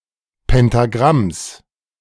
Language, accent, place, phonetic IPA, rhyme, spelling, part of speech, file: German, Germany, Berlin, [pɛntaˈɡʁams], -ams, Pentagramms, noun, De-Pentagramms.ogg
- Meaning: genitive singular of Pentagramm